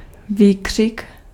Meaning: scream (a loud, emphatic, exclamation of extreme emotion, usually horror, fear, excitement et cetera)
- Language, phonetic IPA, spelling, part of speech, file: Czech, [ˈviːkr̝̊ɪk], výkřik, noun, Cs-výkřik.ogg